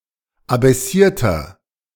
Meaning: inflection of abaissiert: 1. strong/mixed nominative masculine singular 2. strong genitive/dative feminine singular 3. strong genitive plural
- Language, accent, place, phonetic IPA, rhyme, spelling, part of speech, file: German, Germany, Berlin, [abɛˈsiːɐ̯tɐ], -iːɐ̯tɐ, abaissierter, adjective, De-abaissierter.ogg